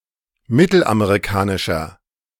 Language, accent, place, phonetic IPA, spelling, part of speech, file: German, Germany, Berlin, [ˈmɪtl̩ʔameʁiˌkaːnɪʃɐ], mittelamerikanischer, adjective, De-mittelamerikanischer.ogg
- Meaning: 1. comparative degree of mittelamerikanisch 2. inflection of mittelamerikanisch: strong/mixed nominative masculine singular